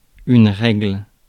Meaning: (noun) 1. rule, regulation 2. rule, period of ruling 3. ruler (for measuring length) 4. period, menstruation; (verb) inflection of régler: first/third-person singular present indicative/subjunctive
- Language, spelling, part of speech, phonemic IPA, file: French, règle, noun / verb, /ʁɛɡl/, Fr-règle.ogg